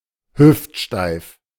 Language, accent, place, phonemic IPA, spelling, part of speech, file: German, Germany, Berlin, /ˈhʏftˌʃtaɪ̯f/, hüftsteif, adjective, De-hüftsteif.ogg
- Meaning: stiff and awkward